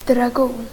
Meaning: 1. a dragoon (soldier of the mounted infantry) 2. the perennial herb tarragon 3. leaves of that plant, used as seasoning
- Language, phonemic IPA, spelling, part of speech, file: Swedish, /draˈɡuːn/, dragon, noun, Sv-dragon.ogg